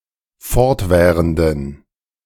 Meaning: inflection of fortwährend: 1. strong genitive masculine/neuter singular 2. weak/mixed genitive/dative all-gender singular 3. strong/weak/mixed accusative masculine singular 4. strong dative plural
- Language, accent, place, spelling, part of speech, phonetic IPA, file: German, Germany, Berlin, fortwährenden, adjective, [ˈfɔʁtˌvɛːʁəndn̩], De-fortwährenden.ogg